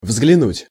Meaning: 1. to glance at, to look at 2. to take a look (at), to pay attention to
- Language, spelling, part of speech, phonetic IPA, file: Russian, взглянуть, verb, [vzɡlʲɪˈnutʲ], Ru-взглянуть.ogg